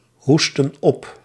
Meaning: inflection of ophoesten: 1. plural past indicative 2. plural past subjunctive
- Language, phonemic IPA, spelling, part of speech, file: Dutch, /ˈhustə(n) ˈɔp/, hoestten op, verb, Nl-hoestten op.ogg